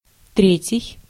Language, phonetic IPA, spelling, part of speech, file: Russian, [ˈtrʲetʲɪj], третий, adjective, Ru-третий.ogg
- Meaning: third